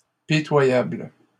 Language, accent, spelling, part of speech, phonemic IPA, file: French, Canada, pitoyables, adjective, /pi.twa.jabl/, LL-Q150 (fra)-pitoyables.wav
- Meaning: plural of pitoyable